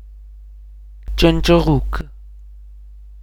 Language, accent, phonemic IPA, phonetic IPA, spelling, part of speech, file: Armenian, Eastern Armenian, /t͡ʃənt͡ʃ(ə)ˈʁuk/, [t͡ʃənt͡ʃ(ə)ʁúk], ճնճղուկ, noun, Hy-EA-ճնճղուկ.ogg
- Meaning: sparrow